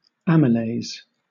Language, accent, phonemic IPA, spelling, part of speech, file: English, Southern England, /ˈæmɪleɪs/, amylase, noun, LL-Q1860 (eng)-amylase.wav